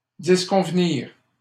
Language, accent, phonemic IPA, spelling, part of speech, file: French, Canada, /dis.kɔ̃v.niʁ/, disconvenir, verb, LL-Q150 (fra)-disconvenir.wav
- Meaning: 1. to disagree 2. to be inappropriate; to be unsuitable